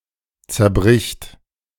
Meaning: third-person singular present of zerbrechen
- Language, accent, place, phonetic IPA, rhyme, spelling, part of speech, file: German, Germany, Berlin, [t͡sɛɐ̯ˈbʁɪçt], -ɪçt, zerbricht, verb, De-zerbricht.ogg